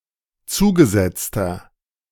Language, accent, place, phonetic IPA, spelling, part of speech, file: German, Germany, Berlin, [ˈt͡suːɡəˌzɛt͡stɐ], zugesetzter, adjective, De-zugesetzter.ogg
- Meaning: inflection of zugesetzt: 1. strong/mixed nominative masculine singular 2. strong genitive/dative feminine singular 3. strong genitive plural